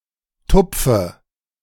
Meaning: inflection of tupfen: 1. first-person singular present 2. first/third-person singular subjunctive I 3. singular imperative
- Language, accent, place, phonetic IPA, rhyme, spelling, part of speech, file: German, Germany, Berlin, [ˈtʊp͡fə], -ʊp͡fə, tupfe, verb, De-tupfe.ogg